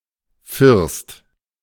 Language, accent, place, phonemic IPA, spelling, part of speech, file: German, Germany, Berlin, /fɪʁst/, First, noun, De-First.ogg
- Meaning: ridge (of a roof)